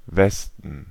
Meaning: 1. west 2. The area of Western Germany, i.e. those territories which were never part of the GDR 3. nominative plural of Weste 4. genitive plural of Weste 5. dative plural of Weste
- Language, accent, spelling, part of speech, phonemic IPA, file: German, Germany, Westen, noun, /ˈvɛstən/, De-Westen.ogg